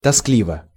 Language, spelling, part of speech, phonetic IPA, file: Russian, тоскливо, adverb / adjective, [tɐˈsklʲivə], Ru-тоскливо.ogg
- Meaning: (adverb) 1. drearily 2. sadly, in a sad voice 3. dully; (adjective) 1. one feels miserable/depressed 2. one is bored